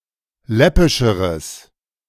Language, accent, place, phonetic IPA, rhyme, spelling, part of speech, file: German, Germany, Berlin, [ˈlɛpɪʃəʁəs], -ɛpɪʃəʁəs, läppischeres, adjective, De-läppischeres.ogg
- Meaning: strong/mixed nominative/accusative neuter singular comparative degree of läppisch